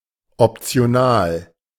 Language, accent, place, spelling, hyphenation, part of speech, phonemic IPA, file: German, Germany, Berlin, optional, op‧ti‧o‧nal, adjective, /ɔptsɪ̯oˈnaːl/, De-optional.ogg
- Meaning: optional